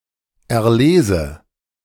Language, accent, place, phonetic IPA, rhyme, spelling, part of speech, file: German, Germany, Berlin, [ɛɐ̯ˈleːzə], -eːzə, erlese, verb, De-erlese.ogg
- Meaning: inflection of erlesen: 1. first-person singular present 2. first/third-person singular subjunctive I